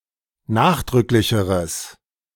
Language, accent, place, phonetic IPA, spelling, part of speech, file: German, Germany, Berlin, [ˈnaːxdʁʏklɪçəʁəs], nachdrücklicheres, adjective, De-nachdrücklicheres.ogg
- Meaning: strong/mixed nominative/accusative neuter singular comparative degree of nachdrücklich